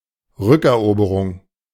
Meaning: reconquest, recapture
- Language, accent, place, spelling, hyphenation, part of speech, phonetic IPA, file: German, Germany, Berlin, Rückeroberung, Rück‧er‧obe‧rung, noun, [ˈʁʏkɛɐ̯ˌʔoːbəʁʊŋ], De-Rückeroberung.ogg